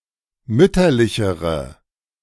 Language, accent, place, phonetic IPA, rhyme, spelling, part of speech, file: German, Germany, Berlin, [ˈmʏtɐlɪçəʁə], -ʏtɐlɪçəʁə, mütterlichere, adjective, De-mütterlichere.ogg
- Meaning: inflection of mütterlich: 1. strong/mixed nominative/accusative feminine singular comparative degree 2. strong nominative/accusative plural comparative degree